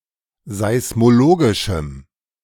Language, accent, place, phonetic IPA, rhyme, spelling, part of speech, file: German, Germany, Berlin, [zaɪ̯smoˈloːɡɪʃm̩], -oːɡɪʃm̩, seismologischem, adjective, De-seismologischem.ogg
- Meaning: strong dative masculine/neuter singular of seismologisch